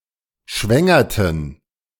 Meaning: inflection of schwängern: 1. first/third-person plural preterite 2. first/third-person plural subjunctive II
- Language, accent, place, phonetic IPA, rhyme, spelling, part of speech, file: German, Germany, Berlin, [ˈʃvɛŋɐtn̩], -ɛŋɐtn̩, schwängerten, verb, De-schwängerten.ogg